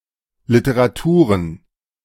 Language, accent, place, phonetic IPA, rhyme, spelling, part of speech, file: German, Germany, Berlin, [lɪtəʁaˈtuːʁən], -uːʁən, Literaturen, noun, De-Literaturen.ogg
- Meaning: plural of Literatur